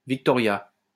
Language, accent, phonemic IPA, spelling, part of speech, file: French, France, /vik.tɔ.ʁja/, Victoria, proper noun, LL-Q150 (fra)-Victoria.wav
- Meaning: 1. a female given name from Latin, equivalent to English Victoria 2. Victoria (the lake) 3. Victoria (the capital city of Seychelles) 4. Victoria (the capital city of British Columbia, Canada)